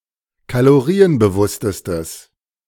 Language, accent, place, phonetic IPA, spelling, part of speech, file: German, Germany, Berlin, [kaloˈʁiːənbəˌvʊstəstəs], kalorienbewusstestes, adjective, De-kalorienbewusstestes.ogg
- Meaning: strong/mixed nominative/accusative neuter singular superlative degree of kalorienbewusst